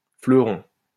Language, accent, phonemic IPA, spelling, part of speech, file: French, France, /flœ.ʁɔ̃/, fleuron, noun, LL-Q150 (fra)-fleuron.wav
- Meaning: 1. jewel 2. fleuron, finial 3. fleuron 4. floret 5. jewel, emblem 6. a puff pastry croissant that accompanies certain dishes in sauce